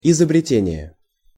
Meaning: invention
- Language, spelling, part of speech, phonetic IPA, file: Russian, изобретение, noun, [ɪzəbrʲɪˈtʲenʲɪje], Ru-изобретение.ogg